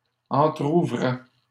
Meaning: third-person singular imperfect indicative of entrouvrir
- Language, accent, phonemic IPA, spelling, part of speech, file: French, Canada, /ɑ̃.tʁu.vʁɛ/, entrouvrait, verb, LL-Q150 (fra)-entrouvrait.wav